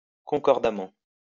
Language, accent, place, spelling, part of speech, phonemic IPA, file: French, France, Lyon, concordamment, adverb, /kɔ̃.kɔʁ.da.mɑ̃/, LL-Q150 (fra)-concordamment.wav
- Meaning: concordantly